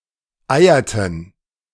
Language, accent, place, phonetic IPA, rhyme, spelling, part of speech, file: German, Germany, Berlin, [ˈaɪ̯ɐtn̩], -aɪ̯ɐtn̩, eierten, verb, De-eierten.ogg
- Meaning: inflection of eiern: 1. first/third-person plural preterite 2. first/third-person plural subjunctive II